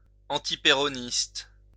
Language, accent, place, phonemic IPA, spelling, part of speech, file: French, France, Lyon, /ɑ̃.ti.pe.ʁɔ.nist/, antipéroniste, adjective, LL-Q150 (fra)-antipéroniste.wav
- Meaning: anti-Peronist